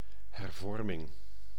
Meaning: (noun) reform; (proper noun) Reformation
- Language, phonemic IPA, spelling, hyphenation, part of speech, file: Dutch, /ˌɦɛrˈvɔr.mɪŋ/, hervorming, her‧vor‧ming, noun / proper noun, Nl-hervorming.ogg